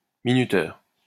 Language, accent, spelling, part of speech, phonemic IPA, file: French, France, minuteur, noun, /mi.ny.tœʁ/, LL-Q150 (fra)-minuteur.wav
- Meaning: timer (device that times backwards)